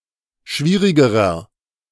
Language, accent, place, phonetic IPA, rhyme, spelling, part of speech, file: German, Germany, Berlin, [ˈʃviːʁɪɡəʁɐ], -iːʁɪɡəʁɐ, schwierigerer, adjective, De-schwierigerer.ogg
- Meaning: inflection of schwierig: 1. strong/mixed nominative masculine singular comparative degree 2. strong genitive/dative feminine singular comparative degree 3. strong genitive plural comparative degree